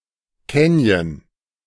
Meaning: canyon
- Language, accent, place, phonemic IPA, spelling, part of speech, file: German, Germany, Berlin, /ˈkɛnjən/, Canyon, noun, De-Canyon.ogg